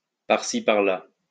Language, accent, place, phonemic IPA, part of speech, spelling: French, France, Lyon, /paʁ.si | paʁ.la/, adverb, par-ci, par-là
- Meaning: here and there